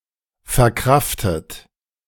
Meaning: past participle of verkraften
- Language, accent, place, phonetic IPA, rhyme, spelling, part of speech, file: German, Germany, Berlin, [fɛɐ̯ˈkʁaftət], -aftət, verkraftet, verb, De-verkraftet.ogg